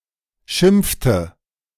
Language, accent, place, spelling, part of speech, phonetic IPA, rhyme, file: German, Germany, Berlin, schimpfte, verb, [ˈʃɪmp͡ftə], -ɪmp͡ftə, De-schimpfte.ogg
- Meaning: inflection of schimpfen: 1. first/third-person singular preterite 2. first/third-person singular subjunctive II